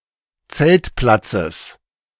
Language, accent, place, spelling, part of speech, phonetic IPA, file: German, Germany, Berlin, Zeltplatzes, noun, [ˈt͡sɛltˌplat͡səs], De-Zeltplatzes.ogg
- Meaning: genitive of Zeltplatz